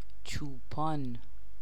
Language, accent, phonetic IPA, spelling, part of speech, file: Persian, Iran, [t͡ʃʰuː.pʰɒ́ːn], چوپان, noun, Fa-چوپان.ogg
- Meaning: shepherd